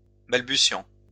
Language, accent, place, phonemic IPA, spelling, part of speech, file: French, France, Lyon, /bal.by.sjɑ̃/, balbutiant, verb / adjective, LL-Q150 (fra)-balbutiant.wav
- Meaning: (verb) present participle of balbutier; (adjective) 1. stammering, stuttering 2. in its infancy, in its early days